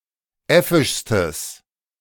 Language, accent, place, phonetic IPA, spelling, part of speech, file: German, Germany, Berlin, [ˈɛfɪʃstəs], äffischstes, adjective, De-äffischstes.ogg
- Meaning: strong/mixed nominative/accusative neuter singular superlative degree of äffisch